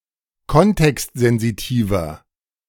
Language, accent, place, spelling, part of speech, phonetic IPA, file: German, Germany, Berlin, kontextsensitiver, adjective, [ˈkɔntɛkstzɛnziˌtiːvɐ], De-kontextsensitiver.ogg
- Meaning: 1. comparative degree of kontextsensitiv 2. inflection of kontextsensitiv: strong/mixed nominative masculine singular 3. inflection of kontextsensitiv: strong genitive/dative feminine singular